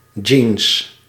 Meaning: 1. a pair of jeans (denim trousers) 2. any denim garment 3. the cotton fabric denim
- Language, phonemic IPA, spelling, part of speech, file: Dutch, /dʒins/, jeans, noun, Nl-jeans.ogg